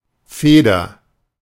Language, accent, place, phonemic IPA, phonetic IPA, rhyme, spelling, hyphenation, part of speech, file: German, Germany, Berlin, /ˈfeːdər/, [ˈfeː.dɐ], -eːdɐ, Feder, Fe‧der, noun / proper noun, De-Feder.ogg
- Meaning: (noun) 1. feather 2. spring (of a machine or gadget) 3. quill pen 4. nib (of a fountain pen) 5. penholder, fountain pen; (proper noun) a surname, equivalent to English Feather